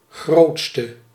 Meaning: inflection of grootst, the superlative degree of groot: 1. masculine/feminine singular attributive 2. definite neuter singular attributive 3. plural attributive
- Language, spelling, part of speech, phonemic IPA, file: Dutch, grootste, adjective, /ˈɣroːt.stə/, Nl-grootste.ogg